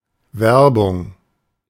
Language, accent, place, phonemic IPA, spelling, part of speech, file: German, Germany, Berlin, /ˈvɛrbʊŋ/, Werbung, noun, De-Werbung.ogg
- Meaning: 1. promotion, solicitation, recruitment 2. commercial advertisement 3. advertising